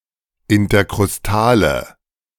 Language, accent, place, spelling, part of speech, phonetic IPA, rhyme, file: German, Germany, Berlin, interkrustale, adjective, [ɪntɐkʁʊsˈtaːlə], -aːlə, De-interkrustale.ogg
- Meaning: inflection of interkrustal: 1. strong/mixed nominative/accusative feminine singular 2. strong nominative/accusative plural 3. weak nominative all-gender singular